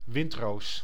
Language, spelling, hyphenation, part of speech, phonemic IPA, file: Dutch, windroos, wind‧roos, noun, /ˈʋɪnt.roːs/, Nl-windroos.ogg
- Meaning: 1. a compass rose (possibly quite intricate) 2. an anemone (plant or flower of the genus Anemone), in particular the wood anemone, windflower (Anemone nemorosa)